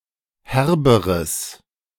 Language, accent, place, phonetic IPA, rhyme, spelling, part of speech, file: German, Germany, Berlin, [ˈhɛʁbəʁəs], -ɛʁbəʁəs, herberes, adjective, De-herberes.ogg
- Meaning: strong/mixed nominative/accusative neuter singular comparative degree of herb